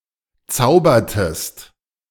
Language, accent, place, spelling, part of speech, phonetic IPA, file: German, Germany, Berlin, zaubertest, verb, [ˈt͡saʊ̯bɐtəst], De-zaubertest.ogg
- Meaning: inflection of zaubern: 1. second-person singular preterite 2. second-person singular subjunctive II